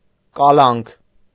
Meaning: arrest
- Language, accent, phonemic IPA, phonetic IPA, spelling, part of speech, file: Armenian, Eastern Armenian, /kɑˈlɑnkʰ/, [kɑlɑ́ŋkʰ], կալանք, noun, Hy-կալանք.ogg